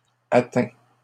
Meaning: inflection of atteindre: 1. first/second-person singular present indicative 2. second-person singular imperative
- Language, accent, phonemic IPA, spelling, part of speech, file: French, Canada, /a.tɛ̃/, atteins, verb, LL-Q150 (fra)-atteins.wav